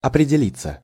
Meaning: 1. to take shape, to be / become formed (of one's character); to clarify itself 2. to make a decision, to find / determine one's position in an issue or a conflict
- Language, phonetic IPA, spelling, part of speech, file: Russian, [ɐprʲɪdʲɪˈlʲit͡sːə], определиться, verb, Ru-определиться.ogg